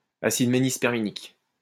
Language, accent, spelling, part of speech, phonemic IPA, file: French, France, acide ménisperminique, noun, /a.sid me.nis.pɛʁ.mi.nik/, LL-Q150 (fra)-acide ménisperminique.wav
- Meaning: menispermic acid